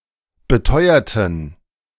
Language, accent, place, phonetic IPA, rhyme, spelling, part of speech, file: German, Germany, Berlin, [bəˈtɔɪ̯ɐtn̩], -ɔɪ̯ɐtn̩, beteuerten, adjective / verb, De-beteuerten.ogg
- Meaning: inflection of beteuern: 1. first/third-person plural preterite 2. first/third-person plural subjunctive II